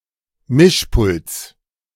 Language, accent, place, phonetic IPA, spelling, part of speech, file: German, Germany, Berlin, [ˈmɪʃˌpʊlt͡s], Mischpults, noun, De-Mischpults.ogg
- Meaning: genitive singular of Mischpult